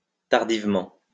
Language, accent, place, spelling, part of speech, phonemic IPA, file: French, France, Lyon, tardivement, adverb, /taʁ.div.mɑ̃/, LL-Q150 (fra)-tardivement.wav
- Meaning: 1. rather late, tardily 2. belatedly